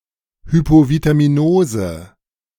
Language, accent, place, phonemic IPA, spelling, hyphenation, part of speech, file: German, Germany, Berlin, /ˌhypovitamiˈnoːzə/, Hypovitaminose, Hy‧po‧vi‧t‧a‧mi‧no‧se, noun, De-Hypovitaminose.ogg
- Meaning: hypovitaminosis